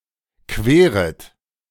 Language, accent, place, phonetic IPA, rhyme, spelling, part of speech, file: German, Germany, Berlin, [ˈkveːʁət], -eːʁət, queret, verb, De-queret.ogg
- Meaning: second-person plural subjunctive I of queren